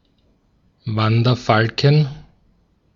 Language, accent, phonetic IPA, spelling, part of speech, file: German, Austria, [ˈvandɐˌfalkŋ̩], Wanderfalken, noun, De-at-Wanderfalken.ogg
- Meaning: 1. genitive singular of Wanderfalke 2. plural of Wanderfalke